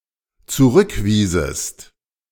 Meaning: second-person singular dependent subjunctive II of zurückweisen
- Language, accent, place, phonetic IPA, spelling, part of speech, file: German, Germany, Berlin, [t͡suˈʁʏkˌviːzəst], zurückwiesest, verb, De-zurückwiesest.ogg